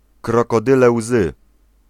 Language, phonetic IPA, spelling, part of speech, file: Polish, [ˌkrɔkɔˈdɨlɛ ˈwzɨ], krokodyle łzy, phrase, Pl-krokodyle łzy.ogg